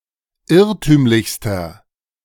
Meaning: inflection of irrtümlich: 1. strong/mixed nominative masculine singular superlative degree 2. strong genitive/dative feminine singular superlative degree 3. strong genitive plural superlative degree
- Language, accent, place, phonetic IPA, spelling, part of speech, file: German, Germany, Berlin, [ˈɪʁtyːmlɪçstɐ], irrtümlichster, adjective, De-irrtümlichster.ogg